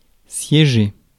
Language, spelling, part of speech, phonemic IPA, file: French, siéger, verb, /sje.ʒe/, Fr-siéger.ogg
- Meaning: 1. to sit (hold a seat) 2. to sit 3. to be located; lie